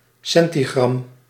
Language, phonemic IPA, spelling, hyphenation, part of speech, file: Dutch, /ˈsɛn.tiˌɣrɑm/, centigram, cen‧ti‧gram, noun, Nl-centigram.ogg
- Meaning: centigramme, centigram